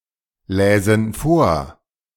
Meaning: first/third-person plural subjunctive II of vorlesen
- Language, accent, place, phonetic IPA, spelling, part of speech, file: German, Germany, Berlin, [ˌlɛːzn̩ ˈfoːɐ̯], läsen vor, verb, De-läsen vor.ogg